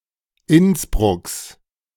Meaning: genitive singular of Innsbruck
- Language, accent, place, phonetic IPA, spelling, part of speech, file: German, Germany, Berlin, [ˈɪnsbʁʊks], Innsbrucks, noun, De-Innsbrucks.ogg